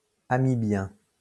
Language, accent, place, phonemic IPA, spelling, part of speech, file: French, France, Lyon, /a.mi.bjɛ̃/, amibien, adjective, LL-Q150 (fra)-amibien.wav
- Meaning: amoeban